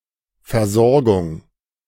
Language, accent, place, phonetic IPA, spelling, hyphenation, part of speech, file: German, Germany, Berlin, [fɛɐ̯ˈzɔʁɡʊŋ], Versorgung, Ver‧sor‧gung, noun, De-Versorgung.ogg
- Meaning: 1. supply 2. care, treatment, accommodation